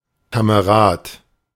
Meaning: 1. comrade (fellow soldier) 2. comrade (fellow, companion) 3. guy, fellow
- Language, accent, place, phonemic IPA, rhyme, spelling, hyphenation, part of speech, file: German, Germany, Berlin, /kaməˈʁaːt/, -aːt, Kamerad, Ka‧me‧rad, noun, De-Kamerad.ogg